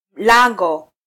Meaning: augmentative of mlango: gate, portal
- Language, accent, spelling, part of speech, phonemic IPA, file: Swahili, Kenya, lango, noun, /ˈlɑ.ᵑɡɔ/, Sw-ke-lango.flac